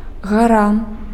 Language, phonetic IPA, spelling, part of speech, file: Belarusian, [ɣaˈra], гара, noun, Be-гара.ogg
- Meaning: mountain